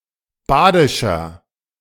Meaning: inflection of badisch: 1. strong/mixed nominative masculine singular 2. strong genitive/dative feminine singular 3. strong genitive plural
- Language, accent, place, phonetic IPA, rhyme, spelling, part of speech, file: German, Germany, Berlin, [ˈbaːdɪʃɐ], -aːdɪʃɐ, badischer, adjective, De-badischer.ogg